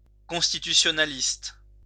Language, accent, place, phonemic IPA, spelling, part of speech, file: French, France, Lyon, /kɔ̃s.ti.ty.sjɔ.na.list/, constitutionnaliste, noun, LL-Q150 (fra)-constitutionnaliste.wav
- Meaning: constitutionalist